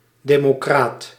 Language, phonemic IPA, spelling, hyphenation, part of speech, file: Dutch, /ˌdeː.moːˈkraːt/, democraat, de‧mo‧craat, noun, Nl-democraat.ogg
- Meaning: democrat, supporter of democracy